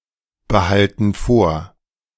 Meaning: inflection of vorbehalten: 1. first/third-person plural present 2. first/third-person plural subjunctive I
- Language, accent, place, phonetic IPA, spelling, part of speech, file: German, Germany, Berlin, [bəˌhaltn̩ ˈfoːɐ̯], behalten vor, verb, De-behalten vor.ogg